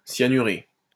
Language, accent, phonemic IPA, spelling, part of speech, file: French, France, /sja.ny.ʁe/, cyanuré, verb, LL-Q150 (fra)-cyanuré.wav
- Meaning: past participle of cyanurer